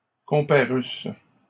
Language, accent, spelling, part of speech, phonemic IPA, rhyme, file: French, Canada, comparusse, verb, /kɔ̃.pa.ʁys/, -ys, LL-Q150 (fra)-comparusse.wav
- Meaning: first-person singular imperfect subjunctive of comparaître